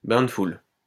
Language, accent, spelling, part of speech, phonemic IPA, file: French, France, bain de foule, noun, /bɛ̃ d(ə) ful/, LL-Q150 (fra)-bain de foule.wav
- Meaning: walkabout